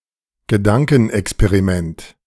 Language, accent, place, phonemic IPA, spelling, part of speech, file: German, Germany, Berlin, /ɡəˈdaŋkŋ̍ˌɛksˈpeːʁiːmɛnt/, Gedankenexperiment, noun, De-Gedankenexperiment.ogg
- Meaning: gedankenexperiment, a thought experiment